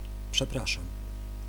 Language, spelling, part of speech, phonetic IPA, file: Polish, przepraszam, interjection / verb, [pʃɛˈpraʃãm], Pl-przepraszam.ogg